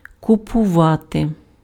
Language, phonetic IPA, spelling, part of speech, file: Ukrainian, [kʊpʊˈʋate], купувати, verb, Uk-купувати.ogg
- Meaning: to buy, to purchase